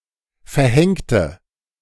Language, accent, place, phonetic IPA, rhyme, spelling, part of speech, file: German, Germany, Berlin, [fɛɐ̯ˈhɛŋtə], -ɛŋtə, verhängte, adjective / verb, De-verhängte.ogg
- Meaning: inflection of verhängen: 1. first/third-person singular preterite 2. first/third-person singular subjunctive II